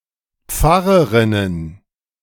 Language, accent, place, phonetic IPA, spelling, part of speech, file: German, Germany, Berlin, [ˈp͡faʁəʁɪnən], Pfarrerinnen, noun, De-Pfarrerinnen.ogg
- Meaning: plural of Pfarrerin